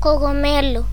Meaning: 1. mushroom 2. dregs formed while the wine turns into vinegar
- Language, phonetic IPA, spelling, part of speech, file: Galician, [koɣoˈmɛlʊ], cogomelo, noun, Gl-cogomelo.ogg